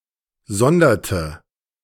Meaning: inflection of sondern: 1. first/third-person singular preterite 2. first/third-person singular subjunctive II
- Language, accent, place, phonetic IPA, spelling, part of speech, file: German, Germany, Berlin, [ˈzɔndɐtə], sonderte, verb, De-sonderte.ogg